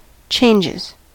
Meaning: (noun) 1. plural of change 2. Ellipsis of chord changes; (verb) third-person singular simple present indicative of change
- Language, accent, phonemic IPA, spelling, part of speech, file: English, US, /ˈt͡ʃeɪnd͡ʒɪz/, changes, noun / verb, En-us-changes.ogg